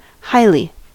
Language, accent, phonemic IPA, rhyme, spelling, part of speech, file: English, US, /ˈhaɪli/, -aɪli, highly, adverb, En-us-highly.ogg
- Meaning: 1. In a high or esteemed manner 2. Extremely; greatly; very much